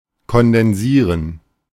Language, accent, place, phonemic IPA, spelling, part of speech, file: German, Germany, Berlin, /kɔndɛnˈziːʁən/, kondensieren, verb, De-kondensieren.ogg
- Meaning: to condense (to decrease size or volume)